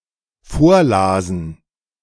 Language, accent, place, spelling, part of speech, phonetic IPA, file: German, Germany, Berlin, vorlasen, verb, [ˈfoːɐ̯ˌlaːzn̩], De-vorlasen.ogg
- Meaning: first/third-person plural dependent preterite of vorlesen